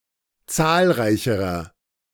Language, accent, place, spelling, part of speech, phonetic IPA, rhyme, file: German, Germany, Berlin, zahlreicherer, adjective, [ˈt͡saːlˌʁaɪ̯çəʁɐ], -aːlʁaɪ̯çəʁɐ, De-zahlreicherer.ogg
- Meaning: inflection of zahlreich: 1. strong/mixed nominative masculine singular comparative degree 2. strong genitive/dative feminine singular comparative degree 3. strong genitive plural comparative degree